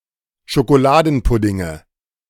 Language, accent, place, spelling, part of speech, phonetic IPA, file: German, Germany, Berlin, Schokoladenpuddinge, noun, [ʃokoˈlaːdn̩ˌpʊdɪŋə], De-Schokoladenpuddinge.ogg
- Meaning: nominative/accusative/genitive plural of Schokoladenpudding